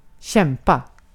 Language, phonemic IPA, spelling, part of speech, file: Swedish, /ˈɕɛm.pa/, kämpa, verb, Sv-kämpa.ogg
- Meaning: 1. to fight 2. to struggle